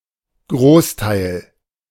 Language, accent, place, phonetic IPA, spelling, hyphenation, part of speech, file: German, Germany, Berlin, [ˈɡʁoːsˌtaɪ̯l], Großteil, Groß‧teil, noun, De-Großteil.ogg
- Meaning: major part, majority